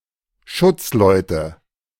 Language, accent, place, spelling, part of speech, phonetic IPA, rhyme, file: German, Germany, Berlin, Schutzleute, noun, [ˈʃʊt͡sˌlɔɪ̯tə], -ʊt͡slɔɪ̯tə, De-Schutzleute.ogg
- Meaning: nominative/accusative/genitive plural of Schutzmann